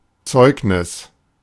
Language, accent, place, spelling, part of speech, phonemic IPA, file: German, Germany, Berlin, Zeugnis, noun, /ˈtsɔɪ̯k.nɪs/, De-Zeugnis.ogg
- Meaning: 1. testimony, witness declaration 2. certificate, affidavit, report card